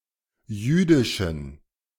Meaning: inflection of jüdisch: 1. strong genitive masculine/neuter singular 2. weak/mixed genitive/dative all-gender singular 3. strong/weak/mixed accusative masculine singular 4. strong dative plural
- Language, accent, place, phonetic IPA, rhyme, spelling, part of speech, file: German, Germany, Berlin, [ˈjyːdɪʃn̩], -yːdɪʃn̩, jüdischen, adjective, De-jüdischen.ogg